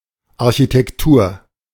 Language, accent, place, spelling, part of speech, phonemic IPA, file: German, Germany, Berlin, Architektur, noun, /aʁçitɛkˈtuːɐ̯/, De-Architektur.ogg
- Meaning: architecture